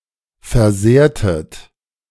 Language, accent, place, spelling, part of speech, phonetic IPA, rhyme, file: German, Germany, Berlin, versehrtet, verb, [fɛɐ̯ˈzeːɐ̯tət], -eːɐ̯tət, De-versehrtet.ogg
- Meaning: inflection of versehren: 1. second-person plural preterite 2. second-person plural subjunctive II